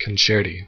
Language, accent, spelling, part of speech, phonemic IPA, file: English, US, concerti, noun, /kʌnˈt͡ʃɛɹˌti/, En-us-concerti.ogg
- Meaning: plural of concerto